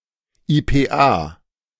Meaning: initialism of Internationales Phonetisches Alphabet
- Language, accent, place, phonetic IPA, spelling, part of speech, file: German, Germany, Berlin, [ˌiːpeːˈʔaː], IPA, abbreviation, De-IPA.ogg